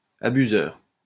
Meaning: abuser
- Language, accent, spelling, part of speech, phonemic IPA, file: French, France, abuseur, noun, /a.by.zœʁ/, LL-Q150 (fra)-abuseur.wav